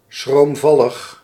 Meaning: timid
- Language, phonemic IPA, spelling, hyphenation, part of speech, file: Dutch, /sxromˈvɑləx/, schroomvallig, schroom‧val‧lig, adjective, Nl-schroomvallig.ogg